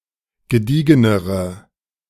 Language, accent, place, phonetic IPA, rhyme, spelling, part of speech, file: German, Germany, Berlin, [ɡəˈdiːɡənəʁə], -iːɡənəʁə, gediegenere, adjective, De-gediegenere.ogg
- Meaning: inflection of gediegen: 1. strong/mixed nominative/accusative feminine singular comparative degree 2. strong nominative/accusative plural comparative degree